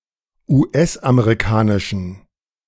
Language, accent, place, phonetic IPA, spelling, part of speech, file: German, Germany, Berlin, [uːˈʔɛsʔameʁiˌkaːnɪʃn̩], US-amerikanischen, adjective, De-US-amerikanischen.ogg
- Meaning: inflection of US-amerikanisch: 1. strong genitive masculine/neuter singular 2. weak/mixed genitive/dative all-gender singular 3. strong/weak/mixed accusative masculine singular 4. strong dative plural